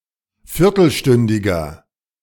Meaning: inflection of viertelstündig: 1. strong/mixed nominative masculine singular 2. strong genitive/dative feminine singular 3. strong genitive plural
- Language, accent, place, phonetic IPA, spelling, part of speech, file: German, Germany, Berlin, [ˈfɪʁtl̩ˌʃtʏndɪɡɐ], viertelstündiger, adjective, De-viertelstündiger.ogg